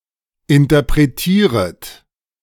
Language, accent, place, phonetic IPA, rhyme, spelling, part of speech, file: German, Germany, Berlin, [ɪntɐpʁeˈtiːʁət], -iːʁət, interpretieret, verb, De-interpretieret.ogg
- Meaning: second-person plural subjunctive I of interpretieren